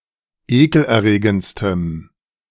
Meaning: strong dative masculine/neuter singular superlative degree of ekelerregend
- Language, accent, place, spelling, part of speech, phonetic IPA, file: German, Germany, Berlin, ekelerregendstem, adjective, [ˈeːkl̩ʔɛɐ̯ˌʁeːɡənt͡stəm], De-ekelerregendstem.ogg